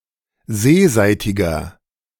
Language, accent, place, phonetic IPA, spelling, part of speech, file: German, Germany, Berlin, [ˈzeːˌzaɪ̯tɪɡɐ], seeseitiger, adjective, De-seeseitiger.ogg
- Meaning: inflection of seeseitig: 1. strong/mixed nominative masculine singular 2. strong genitive/dative feminine singular 3. strong genitive plural